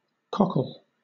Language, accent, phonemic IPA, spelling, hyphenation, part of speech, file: English, Southern England, /ˈkɒkl̩/, cockle, cock‧le, noun / verb, LL-Q1860 (eng)-cockle.wav
- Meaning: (noun) 1. Any of various edible European bivalve mollusks, of the family Cardiidae, having heart-shaped shells 2. The shell of such a mollusk 3. A wrinkle, pucker